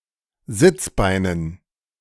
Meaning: dative plural of Sitzbein
- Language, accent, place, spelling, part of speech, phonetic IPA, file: German, Germany, Berlin, Sitzbeinen, noun, [ˈzɪt͡sˌbaɪ̯nən], De-Sitzbeinen.ogg